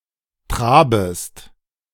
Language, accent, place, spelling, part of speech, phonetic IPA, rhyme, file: German, Germany, Berlin, trabest, verb, [ˈtʁaːbəst], -aːbəst, De-trabest.ogg
- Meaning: second-person singular subjunctive I of traben